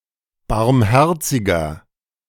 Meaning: 1. comparative degree of barmherzig 2. inflection of barmherzig: strong/mixed nominative masculine singular 3. inflection of barmherzig: strong genitive/dative feminine singular
- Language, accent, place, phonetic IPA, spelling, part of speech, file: German, Germany, Berlin, [baʁmˈhɛʁt͡sɪɡɐ], barmherziger, adjective, De-barmherziger.ogg